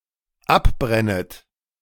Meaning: second-person plural dependent subjunctive I of abbrennen
- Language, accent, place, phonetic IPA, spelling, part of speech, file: German, Germany, Berlin, [ˈapˌbʁɛnət], abbrennet, verb, De-abbrennet.ogg